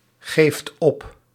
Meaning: inflection of opgeven: 1. second/third-person singular present indicative 2. plural imperative
- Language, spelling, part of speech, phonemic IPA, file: Dutch, geeft op, verb, /ˈɣeft ˈɔp/, Nl-geeft op.ogg